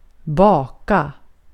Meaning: to bake; to cook in an oven
- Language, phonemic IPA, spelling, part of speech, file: Swedish, /²bɑːka/, baka, verb, Sv-baka.ogg